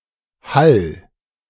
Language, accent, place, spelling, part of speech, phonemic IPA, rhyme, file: German, Germany, Berlin, Hall, noun, /hal/, -al, De-Hall.ogg
- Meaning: echo, resonance, reverberation